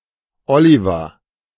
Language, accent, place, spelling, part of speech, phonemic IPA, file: German, Germany, Berlin, Oliver, proper noun, /ˈɔlivɐ/, De-Oliver.ogg
- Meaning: a male given name, equivalent to English Oliver